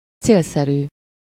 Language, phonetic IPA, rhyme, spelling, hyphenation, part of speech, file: Hungarian, [ˈt͡seːlsɛryː], -ryː, célszerű, cél‧sze‧rű, adjective, Hu-célszerű.ogg
- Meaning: expedient, practical (to the purpose; simple, easy, or quick; convenient)